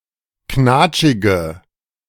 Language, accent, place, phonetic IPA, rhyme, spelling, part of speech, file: German, Germany, Berlin, [ˈknaːt͡ʃɪɡə], -aːt͡ʃɪɡə, knatschige, adjective, De-knatschige.ogg
- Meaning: inflection of knatschig: 1. strong/mixed nominative/accusative feminine singular 2. strong nominative/accusative plural 3. weak nominative all-gender singular